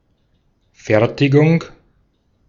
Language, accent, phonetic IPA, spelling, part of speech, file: German, Austria, [ˈfɛʁtɪɡʊŋ], Fertigung, noun, De-at-Fertigung.ogg
- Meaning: assembly, manufacture, production